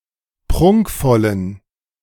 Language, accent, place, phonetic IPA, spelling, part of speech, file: German, Germany, Berlin, [ˈpʁʊŋkfɔlən], prunkvollen, adjective, De-prunkvollen.ogg
- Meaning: inflection of prunkvoll: 1. strong genitive masculine/neuter singular 2. weak/mixed genitive/dative all-gender singular 3. strong/weak/mixed accusative masculine singular 4. strong dative plural